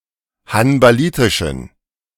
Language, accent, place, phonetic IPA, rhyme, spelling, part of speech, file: German, Germany, Berlin, [hanbaˈliːtɪʃn̩], -iːtɪʃn̩, hanbalitischen, adjective, De-hanbalitischen.ogg
- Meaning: inflection of hanbalitisch: 1. strong genitive masculine/neuter singular 2. weak/mixed genitive/dative all-gender singular 3. strong/weak/mixed accusative masculine singular 4. strong dative plural